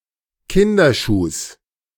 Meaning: genitive singular of Kinderschuh
- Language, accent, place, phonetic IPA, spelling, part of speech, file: German, Germany, Berlin, [ˈkɪndɐˌʃuːs], Kinderschuhs, noun, De-Kinderschuhs.ogg